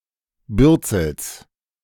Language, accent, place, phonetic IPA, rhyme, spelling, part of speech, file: German, Germany, Berlin, [ˈbʏʁt͡sl̩s], -ʏʁt͡sl̩s, Bürzels, noun, De-Bürzels.ogg
- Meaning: genitive singular of Bürzel